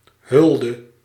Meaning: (noun) homage, honor; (verb) inflection of hullen: 1. singular past indicative 2. singular past subjunctive
- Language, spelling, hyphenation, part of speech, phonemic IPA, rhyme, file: Dutch, hulde, hul‧de, noun / verb, /ˈɦʏl.də/, -ʏldə, Nl-hulde.ogg